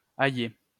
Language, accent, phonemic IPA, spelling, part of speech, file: French, France, /a.je/, aillée, verb, LL-Q150 (fra)-aillée.wav
- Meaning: feminine singular of aillé